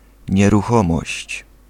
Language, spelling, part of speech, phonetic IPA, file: Polish, nieruchomość, noun, [ˌɲɛruˈxɔ̃mɔɕt͡ɕ], Pl-nieruchomość.ogg